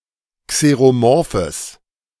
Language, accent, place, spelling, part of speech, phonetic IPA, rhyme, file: German, Germany, Berlin, xeromorphes, adjective, [kseʁoˈmɔʁfəs], -ɔʁfəs, De-xeromorphes.ogg
- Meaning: strong/mixed nominative/accusative neuter singular of xeromorph